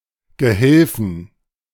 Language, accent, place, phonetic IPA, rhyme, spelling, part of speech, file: German, Germany, Berlin, [ɡəˈhɪlfn̩], -ɪlfn̩, Gehilfen, noun, De-Gehilfen.ogg
- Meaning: 1. plural of Gehilfe 2. accusative singular of Gehilfe 3. dative singular of Gehilfe 4. genitive singular of Gehilfe